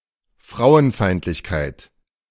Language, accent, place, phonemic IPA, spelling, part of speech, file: German, Germany, Berlin, /ˈfʁaʊ̯ənˌfaɪ̯ntlɪçkaɪ̯t/, Frauenfeindlichkeit, noun, De-Frauenfeindlichkeit.ogg
- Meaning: misogyny